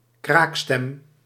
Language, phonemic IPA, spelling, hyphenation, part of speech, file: Dutch, /ˈkraːk.stɛm/, kraakstem, kraak‧stem, noun, Nl-kraakstem.ogg
- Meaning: a crackly voice